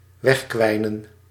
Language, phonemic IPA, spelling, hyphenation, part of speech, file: Dutch, /ˈʋɛxˌkʋɛi̯.nə(n)/, wegkwijnen, weg‧kwij‧nen, verb, Nl-wegkwijnen.ogg
- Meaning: to waste away